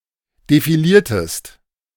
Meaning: inflection of defilieren: 1. second-person singular preterite 2. second-person singular subjunctive II
- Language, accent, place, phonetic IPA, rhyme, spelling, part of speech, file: German, Germany, Berlin, [defiˈliːɐ̯təst], -iːɐ̯təst, defiliertest, verb, De-defiliertest.ogg